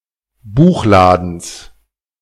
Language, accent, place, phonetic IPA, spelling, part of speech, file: German, Germany, Berlin, [ˈbuːxˌlaːdn̩s], Buchladens, noun, De-Buchladens.ogg
- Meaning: genitive singular of Buchladen